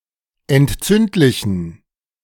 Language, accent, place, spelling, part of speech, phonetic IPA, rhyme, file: German, Germany, Berlin, entzündlichen, adjective, [ɛntˈt͡sʏntlɪçn̩], -ʏntlɪçn̩, De-entzündlichen.ogg
- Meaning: inflection of entzündlich: 1. strong genitive masculine/neuter singular 2. weak/mixed genitive/dative all-gender singular 3. strong/weak/mixed accusative masculine singular 4. strong dative plural